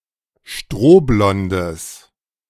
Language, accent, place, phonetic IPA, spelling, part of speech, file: German, Germany, Berlin, [ˈʃtʁoːˌblɔndəs], strohblondes, adjective, De-strohblondes.ogg
- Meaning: strong/mixed nominative/accusative neuter singular of strohblond